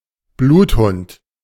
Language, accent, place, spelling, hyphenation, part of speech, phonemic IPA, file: German, Germany, Berlin, Bluthund, Blut‧hund, noun, /ˈbluːtˌhʊnt/, De-Bluthund.ogg
- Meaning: 1. scenthound (a hound skilled at tracking) 2. synonym of Bloodhound (“a specific dog breed”) 3. someone who persecutes without mercy, e.g., a tyrant, or a myrmidon, henchman